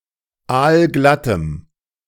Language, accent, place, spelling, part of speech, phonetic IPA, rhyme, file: German, Germany, Berlin, aalglattem, adjective, [ˈaːlˈɡlatəm], -atəm, De-aalglattem.ogg
- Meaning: strong dative masculine/neuter singular of aalglatt